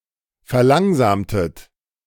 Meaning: inflection of verlangsamen: 1. second-person plural preterite 2. second-person plural subjunctive II
- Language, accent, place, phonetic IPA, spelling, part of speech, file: German, Germany, Berlin, [fɛɐ̯ˈlaŋzaːmtət], verlangsamtet, verb, De-verlangsamtet.ogg